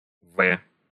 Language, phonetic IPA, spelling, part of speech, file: Russian, [vɛ], вэ, noun, Ru-вэ.ogg
- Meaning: 1. The Cyrillic letter В (V), в (v) 2. The Roman letter V, v 3. The Roman letter W, w